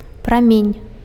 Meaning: ray, beam
- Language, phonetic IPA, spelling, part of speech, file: Belarusian, [praˈmʲenʲ], прамень, noun, Be-прамень.ogg